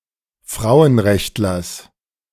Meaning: genitive of Frauenrechtler
- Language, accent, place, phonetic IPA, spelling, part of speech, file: German, Germany, Berlin, [ˈfʁaʊ̯ənˌʁɛçtlɐs], Frauenrechtlers, noun, De-Frauenrechtlers.ogg